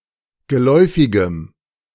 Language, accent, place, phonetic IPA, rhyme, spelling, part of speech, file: German, Germany, Berlin, [ɡəˈlɔɪ̯fɪɡəm], -ɔɪ̯fɪɡəm, geläufigem, adjective, De-geläufigem.ogg
- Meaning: strong dative masculine/neuter singular of geläufig